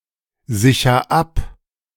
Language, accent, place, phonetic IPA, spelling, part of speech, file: German, Germany, Berlin, [ˌzɪçɐ ˈap], sicher ab, verb, De-sicher ab.ogg
- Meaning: inflection of absichern: 1. first-person singular present 2. singular imperative